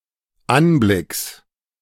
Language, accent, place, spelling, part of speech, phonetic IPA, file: German, Germany, Berlin, Anblicks, noun, [ˈanˌblɪks], De-Anblicks.ogg
- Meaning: genitive singular of Anblick